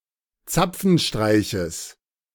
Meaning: genitive singular of Zapfenstreich
- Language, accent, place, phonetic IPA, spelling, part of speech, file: German, Germany, Berlin, [ˈt͡sap͡fn̩ˌʃtʁaɪ̯çəs], Zapfenstreiches, noun, De-Zapfenstreiches.ogg